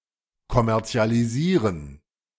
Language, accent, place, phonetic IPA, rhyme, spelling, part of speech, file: German, Germany, Berlin, [kɔmɛʁt͡si̯aliˈziːʁən], -iːʁən, kommerzialisieren, verb, De-kommerzialisieren.ogg
- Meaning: 1. to commercialize 2. to commodify